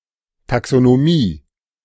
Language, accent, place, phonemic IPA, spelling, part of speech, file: German, Germany, Berlin, /ˌtaksonoˈmiː/, Taxonomie, noun, De-Taxonomie.ogg
- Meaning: taxonomy (science of finding, describing, classifying and naming organisms)